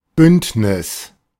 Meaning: alliance, confederation
- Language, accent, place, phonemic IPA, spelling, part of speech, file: German, Germany, Berlin, /ˈbʏntnɪs/, Bündnis, noun, De-Bündnis.ogg